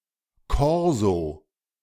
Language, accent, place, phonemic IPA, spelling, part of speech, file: German, Germany, Berlin, /ˈkɔʁzo/, Korso, noun, De-Korso.ogg
- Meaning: a public celebration with vehicles driving in a row; on any occasion, but commonest with weddings and football victories